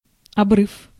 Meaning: 1. break, rupture 2. precipice, steep; bluff, cliff
- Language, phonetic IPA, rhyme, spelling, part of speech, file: Russian, [ɐˈbrɨf], -ɨf, обрыв, noun, Ru-обрыв.ogg